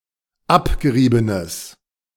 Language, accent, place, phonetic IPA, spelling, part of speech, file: German, Germany, Berlin, [ˈapɡəˌʁiːbənəs], abgeriebenes, adjective, De-abgeriebenes.ogg
- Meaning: strong/mixed nominative/accusative neuter singular of abgerieben